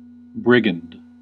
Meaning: An outlaw or bandit
- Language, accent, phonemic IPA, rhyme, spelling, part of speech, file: English, US, /ˈbɹɪɡ.ənd/, -ɪɡənd, brigand, noun, En-us-brigand.ogg